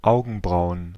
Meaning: plural of Augenbraue (“eyebrows”)
- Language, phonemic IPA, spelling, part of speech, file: German, /ˈaʊ̯ɡənˌbraʊ̯ən/, Augenbrauen, noun, De-Augenbrauen.ogg